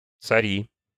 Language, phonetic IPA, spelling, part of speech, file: Russian, [t͡sɐˈrʲi], цари, verb / noun, Ru-цари.ogg
- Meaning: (verb) second-person singular imperative imperfective of цари́ть (carítʹ); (noun) nominative plural of царь (carʹ)